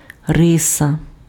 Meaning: 1. stroke, line (often metaphorically as the fundamental way something is constructed) 2. trait, characteristic, property (mainly to highlight singular, specific qualities)
- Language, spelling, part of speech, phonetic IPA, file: Ukrainian, риса, noun, [ˈrɪsɐ], Uk-риса.ogg